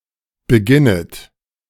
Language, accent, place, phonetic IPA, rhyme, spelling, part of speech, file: German, Germany, Berlin, [bəˈɡɪnət], -ɪnət, beginnet, verb, De-beginnet.ogg
- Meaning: second-person plural subjunctive I of beginnen